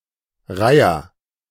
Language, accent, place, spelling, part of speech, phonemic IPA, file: German, Germany, Berlin, Reiher, noun, /ˈʁaɪ.ɐ/, De-Reiher.ogg
- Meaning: heron